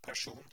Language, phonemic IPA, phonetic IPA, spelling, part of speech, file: Norwegian Bokmål, /pær.suːn/, [pæ.ˈʂuːn], person, noun, No-person.ogg
- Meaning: a person